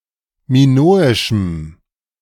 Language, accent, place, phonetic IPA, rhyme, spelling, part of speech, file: German, Germany, Berlin, [miˈnoːɪʃm̩], -oːɪʃm̩, minoischem, adjective, De-minoischem.ogg
- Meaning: strong dative masculine/neuter singular of minoisch